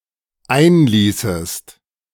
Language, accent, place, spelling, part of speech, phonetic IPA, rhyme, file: German, Germany, Berlin, einließest, verb, [ˈaɪ̯nˌliːsəst], -aɪ̯nliːsəst, De-einließest.ogg
- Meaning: second-person singular dependent subjunctive II of einlassen